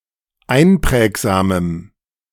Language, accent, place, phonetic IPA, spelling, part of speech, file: German, Germany, Berlin, [ˈaɪ̯nˌpʁɛːkzaːməm], einprägsamem, adjective, De-einprägsamem.ogg
- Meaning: strong dative masculine/neuter singular of einprägsam